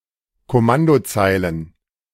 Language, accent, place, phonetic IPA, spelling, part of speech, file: German, Germany, Berlin, [kɔˈmandoˌt͡saɪ̯lən], Kommandozeilen, noun, De-Kommandozeilen.ogg
- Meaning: plural of Kommandozeile